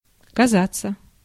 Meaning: to seem, to appear, to look
- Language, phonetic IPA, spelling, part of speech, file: Russian, [kɐˈzat͡sːə], казаться, verb, Ru-казаться.ogg